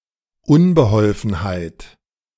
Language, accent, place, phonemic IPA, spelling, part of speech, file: German, Germany, Berlin, /ˈʊnbəhɔlfənhaɪ̯t/, Unbeholfenheit, noun, De-Unbeholfenheit.ogg
- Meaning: 1. clumsiness, awkwardness, unwieldiness, helplessness (the state of being clumsy, awkward, etc.) 2. (an act of clumsiness)